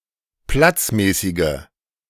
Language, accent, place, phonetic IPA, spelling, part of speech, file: German, Germany, Berlin, [ˈplat͡sˌmɛːsɪɡə], platzmäßige, adjective, De-platzmäßige.ogg
- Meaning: inflection of platzmäßig: 1. strong/mixed nominative/accusative feminine singular 2. strong nominative/accusative plural 3. weak nominative all-gender singular